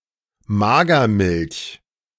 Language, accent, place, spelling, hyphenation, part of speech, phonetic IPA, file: German, Germany, Berlin, Magermilch, Ma‧ger‧milch, noun, [ˈmaːɡɐˌmɪlç], De-Magermilch.ogg
- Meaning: skimmed milk, skim milk, low-fat milk